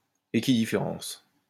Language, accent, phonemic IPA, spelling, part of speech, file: French, France, /e.ki.di.fe.ʁɑ̃s/, équidifférence, noun, LL-Q150 (fra)-équidifférence.wav
- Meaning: equidifference